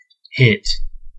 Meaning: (verb) To strike.: 1. To administer a blow to, directly or with a weapon or missile 2. To come into contact with forcefully and suddenly 3. To strike against something
- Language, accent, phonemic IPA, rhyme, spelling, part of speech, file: English, US, /hɪt/, -ɪt, hit, verb / noun / adjective / pronoun, En-us-hit.ogg